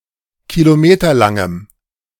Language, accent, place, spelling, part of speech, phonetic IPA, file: German, Germany, Berlin, kilometerlangem, adjective, [kiloˈmeːtɐlaŋəm], De-kilometerlangem.ogg
- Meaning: strong dative masculine/neuter singular of kilometerlang